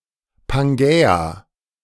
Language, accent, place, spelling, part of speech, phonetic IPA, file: German, Germany, Berlin, Pangäa, proper noun, [panˈɡɛːa], De-Pangäa.ogg
- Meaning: Pangaea (a former supercontinent that included all the landmasses of the earth before the Triassic period and that broke up into Laurasia and Gondwana)